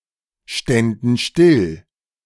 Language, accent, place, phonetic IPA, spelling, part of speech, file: German, Germany, Berlin, [ˌʃtɛndn̩ ˈʃtɪl], ständen still, verb, De-ständen still.ogg
- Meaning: first/third-person plural subjunctive II of stillstehen